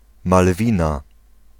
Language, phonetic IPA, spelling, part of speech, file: Polish, [malˈvʲĩna], Malwina, proper noun, Pl-Malwina.ogg